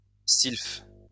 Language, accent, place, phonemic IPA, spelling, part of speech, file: French, France, Lyon, /silf/, sylphe, noun, LL-Q150 (fra)-sylphe.wav
- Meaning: sylph (the elemental being of air)